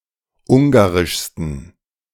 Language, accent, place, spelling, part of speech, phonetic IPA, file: German, Germany, Berlin, ungarischsten, adjective, [ˈʊŋɡaʁɪʃstn̩], De-ungarischsten.ogg
- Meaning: 1. superlative degree of ungarisch 2. inflection of ungarisch: strong genitive masculine/neuter singular superlative degree